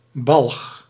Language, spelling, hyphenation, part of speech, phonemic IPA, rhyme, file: Dutch, balg, balg, noun, /bɑlx/, -ɑlx, Nl-balg.ogg
- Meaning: 1. leather bag 2. bellows 3. fake bait for training birds 4. study skin (prepared corpse of a bird kept for the sake of scientific study) 5. cover for moving joints, as in articulated buses 6. belly